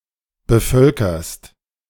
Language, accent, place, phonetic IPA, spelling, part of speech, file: German, Germany, Berlin, [bəˈfœlkɐst], bevölkerst, verb, De-bevölkerst.ogg
- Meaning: second-person singular present of bevölkern